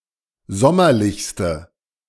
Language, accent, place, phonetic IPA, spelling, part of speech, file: German, Germany, Berlin, [ˈzɔmɐlɪçstə], sommerlichste, adjective, De-sommerlichste.ogg
- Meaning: inflection of sommerlich: 1. strong/mixed nominative/accusative feminine singular superlative degree 2. strong nominative/accusative plural superlative degree